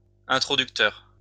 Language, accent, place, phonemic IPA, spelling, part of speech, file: French, France, Lyon, /ɛ̃.tʁɔ.dyk.tœʁ/, introducteur, noun, LL-Q150 (fra)-introducteur.wav
- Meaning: introducer